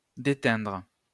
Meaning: 1. to bleach 2. to lose one's color 3. to bleed (onto); to transfer some color (to) 4. to bleed (onto); to transfer some color (to): to rub off (on someone); to impart some aspect (to someone)
- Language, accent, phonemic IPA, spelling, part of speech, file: French, France, /de.tɛ̃dʁ/, déteindre, verb, LL-Q150 (fra)-déteindre.wav